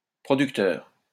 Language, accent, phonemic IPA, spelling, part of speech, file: French, France, /pʁɔ.dyk.tœʁ/, producteur, noun / adjective, LL-Q150 (fra)-producteur.wav
- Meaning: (noun) producer; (adjective) productive